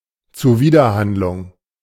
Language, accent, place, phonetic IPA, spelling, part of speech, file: German, Germany, Berlin, [t͡suˈviːdɐˌhandlʊŋ], Zuwiderhandlung, noun, De-Zuwiderhandlung.ogg
- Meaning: contravention